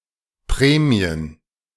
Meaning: plural of Prämie
- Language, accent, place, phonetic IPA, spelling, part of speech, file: German, Germany, Berlin, [ˈpʁɛːmi̯ən], Prämien, noun, De-Prämien.ogg